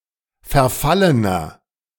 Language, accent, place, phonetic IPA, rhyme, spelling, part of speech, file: German, Germany, Berlin, [fɛɐ̯ˈfalənɐ], -alənɐ, verfallener, adjective, De-verfallener.ogg
- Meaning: inflection of verfallen: 1. strong/mixed nominative masculine singular 2. strong genitive/dative feminine singular 3. strong genitive plural